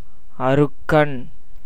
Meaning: sun
- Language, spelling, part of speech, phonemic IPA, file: Tamil, அருக்கன், noun, /ɐɾʊkːɐn/, Ta-அருக்கன்.ogg